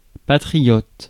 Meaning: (noun) patriot; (adjective) patriotic
- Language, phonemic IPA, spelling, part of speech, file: French, /pa.tʁi.jɔt/, patriote, noun / adjective, Fr-patriote.ogg